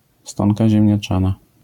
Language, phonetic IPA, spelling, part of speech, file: Polish, [ˈstɔ̃nka ˌʑɛ̃mʲɲaˈt͡ʃãna], stonka ziemniaczana, noun, LL-Q809 (pol)-stonka ziemniaczana.wav